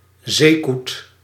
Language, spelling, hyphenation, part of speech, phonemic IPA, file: Dutch, zeekoet, zee‧koet, noun, /ˈzeː.kut/, Nl-zeekoet.ogg
- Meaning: 1. one of several seabird species of the genera Uria and Cepphus 2. common murre (Uria aalge)